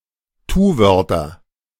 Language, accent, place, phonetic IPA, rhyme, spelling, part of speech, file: German, Germany, Berlin, [ˈtuːˌvœʁtɐ], -uːvœʁtɐ, Tuwörter, noun, De-Tuwörter.ogg
- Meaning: nominative/accusative/genitive plural of Tuwort